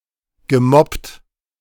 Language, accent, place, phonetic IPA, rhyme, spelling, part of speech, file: German, Germany, Berlin, [ɡəˈmɔpt], -ɔpt, gemobbt, verb, De-gemobbt.ogg
- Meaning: past participle of mobben